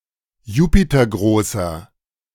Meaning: inflection of jupitergroß: 1. strong/mixed nominative masculine singular 2. strong genitive/dative feminine singular 3. strong genitive plural
- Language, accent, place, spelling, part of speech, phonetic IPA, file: German, Germany, Berlin, jupitergroßer, adjective, [ˈjuːpitɐˌɡʁoːsɐ], De-jupitergroßer.ogg